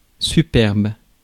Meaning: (adjective) 1. superb; excellent, impressive 2. haughty; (noun) 1. proud, arrogant person 2. pride, arrogance
- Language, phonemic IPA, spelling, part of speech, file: French, /sy.pɛʁb/, superbe, adjective / noun, Fr-superbe.ogg